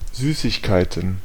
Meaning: plural of Süßigkeit
- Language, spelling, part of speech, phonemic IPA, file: German, Süßigkeiten, noun, /ˈzyːsɪçˌkaɪ̯tn̩/, De-Süßigkeiten.ogg